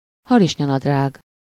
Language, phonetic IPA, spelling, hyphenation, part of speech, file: Hungarian, [ˈhɒriʃɲɒnɒdraːɡ], harisnyanadrág, ha‧ris‧nya‧nad‧rág, noun, Hu-harisnyanadrág.ogg
- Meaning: pantyhose (nylon tights worn about legs)